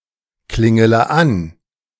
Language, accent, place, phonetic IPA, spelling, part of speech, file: German, Germany, Berlin, [ˌklɪŋələ ˈan], klingele an, verb, De-klingele an.ogg
- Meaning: inflection of anklingeln: 1. first-person singular present 2. first-person plural subjunctive I 3. third-person singular subjunctive I 4. singular imperative